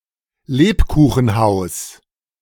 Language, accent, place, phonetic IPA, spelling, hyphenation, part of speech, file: German, Germany, Berlin, [ˈleːpkuːxn̩ˌhaʊ̯s], Lebkuchenhaus, Leb‧ku‧chen‧haus, noun, De-Lebkuchenhaus.ogg
- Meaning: gingerbread house